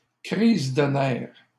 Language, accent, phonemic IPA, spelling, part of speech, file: French, Canada, /kʁiz də nɛʁ/, crise de nerfs, noun, LL-Q150 (fra)-crise de nerfs.wav
- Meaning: nervous breakdown